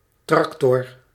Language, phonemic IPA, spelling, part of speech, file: Dutch, /ˈtrɑktɔr/, tractor, noun, Nl-tractor.ogg
- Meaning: tractor (agricultural vehicle)